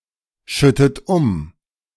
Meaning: inflection of umschütten: 1. second-person plural present 2. second-person plural subjunctive I 3. third-person singular present 4. plural imperative
- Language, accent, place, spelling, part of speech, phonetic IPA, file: German, Germany, Berlin, schüttet um, verb, [ˌʃʏtət ˈʊm], De-schüttet um.ogg